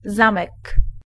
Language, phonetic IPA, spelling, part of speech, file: Polish, [ˈzãmɛk], zamek, noun, Pl-zamek.ogg